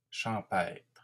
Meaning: countryside; rural
- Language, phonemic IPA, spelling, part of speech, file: French, /ʃɑ̃.pɛtʁ/, champêtre, adjective, LL-Q150 (fra)-champêtre.wav